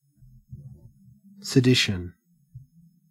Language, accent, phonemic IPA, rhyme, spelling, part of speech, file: English, Australia, /səˈdɪʃən/, -ɪʃən, sedition, noun, En-au-sedition.ogg
- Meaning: 1. Organized incitement of rebellion or civil disorder against authority or the state, usually by speech or writing 2. Insurrection or rebellion